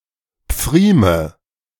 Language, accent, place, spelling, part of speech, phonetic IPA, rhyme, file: German, Germany, Berlin, Pfrieme, noun, [ˈp͡fʁiːmə], -iːmə, De-Pfrieme.ogg
- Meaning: nominative/accusative/genitive plural of Pfriem